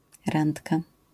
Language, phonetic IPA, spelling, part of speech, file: Polish, [ˈrãntka], randka, noun, LL-Q809 (pol)-randka.wav